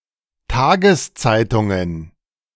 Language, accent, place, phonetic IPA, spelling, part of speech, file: German, Germany, Berlin, [ˈtaːɡəsˌt͡saɪ̯tʊŋən], Tageszeitungen, noun, De-Tageszeitungen.ogg
- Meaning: plural of Tageszeitung